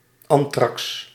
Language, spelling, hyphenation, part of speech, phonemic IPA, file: Dutch, antrax, an‧trax, noun, /ˈɑn.trɑks/, Nl-antrax.ogg
- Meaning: anthrax